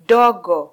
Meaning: small
- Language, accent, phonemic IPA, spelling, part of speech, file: Swahili, Kenya, /ˈɗɔ.ɠɔ/, dogo, adjective, Sw-ke-dogo.flac